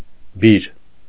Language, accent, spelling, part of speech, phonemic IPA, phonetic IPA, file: Armenian, Eastern Armenian, բիր, noun, /biɾ/, [biɾ], Hy-բիր.ogg
- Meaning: 1. rod, staff, stave 2. stake, picket, pale